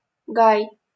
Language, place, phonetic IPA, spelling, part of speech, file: Russian, Saint Petersburg, [ɡaj], гай, noun, LL-Q7737 (rus)-гай.wav
- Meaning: small grove